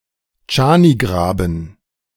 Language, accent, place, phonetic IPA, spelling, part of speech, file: German, Germany, Berlin, [ˈt͡ʃaːniˌɡʁaːbn̩], Tschanigraben, proper noun, De-Tschanigraben.ogg
- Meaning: a municipality of Burgenland, Austria